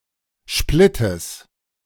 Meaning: plural of Splitt
- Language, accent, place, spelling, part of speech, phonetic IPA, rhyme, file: German, Germany, Berlin, Splittes, noun, [ˈʃplɪtəs], -ɪtəs, De-Splittes.ogg